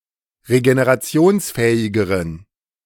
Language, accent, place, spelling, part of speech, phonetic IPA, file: German, Germany, Berlin, regenerationsfähigeren, adjective, [ʁeɡeneʁaˈt͡si̯oːnsˌfɛːɪɡəʁən], De-regenerationsfähigeren.ogg
- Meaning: inflection of regenerationsfähig: 1. strong genitive masculine/neuter singular comparative degree 2. weak/mixed genitive/dative all-gender singular comparative degree